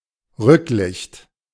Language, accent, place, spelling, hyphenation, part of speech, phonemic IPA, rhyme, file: German, Germany, Berlin, Rücklicht, Rück‧licht, noun, /ˈrʏklɪçt/, -ɪçt, De-Rücklicht.ogg
- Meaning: 1. tail-light, taillamp 2. the tewel or arsehole